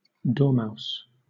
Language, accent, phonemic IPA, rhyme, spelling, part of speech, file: English, Southern England, /ˈdɔː.maʊs/, -aʊs, dormouse, noun, LL-Q1860 (eng)-dormouse.wav
- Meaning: 1. Any of several species of small, mostly European rodents of the family Gliridae 2. Any of several species of small, mostly European rodents of the family Gliridae.: Glis glis (edible dormouse)